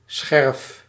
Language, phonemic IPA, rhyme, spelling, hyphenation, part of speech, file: Dutch, /sxɛrf/, -ɛrf, scherf, scherf, noun, Nl-scherf.ogg
- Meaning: a shard